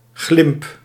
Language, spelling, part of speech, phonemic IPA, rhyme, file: Dutch, glimp, noun, /ɣlɪmp/, -ɪmp, Nl-glimp.ogg
- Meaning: 1. glimpse 2. deceptive appearance